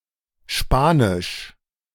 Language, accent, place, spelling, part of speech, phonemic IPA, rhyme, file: German, Germany, Berlin, spanisch, adjective, /ˈʃpaːnɪʃ/, -ɪʃ, De-spanisch.ogg
- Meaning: 1. Spanish 2. strange, outlandish, suspicious, incomprehensible (chiefly in spanisch vorkommen)